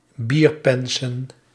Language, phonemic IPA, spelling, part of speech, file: Dutch, /ˈbirpɛnsə(n)/, bierpensen, noun, Nl-bierpensen.ogg
- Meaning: plural of bierpens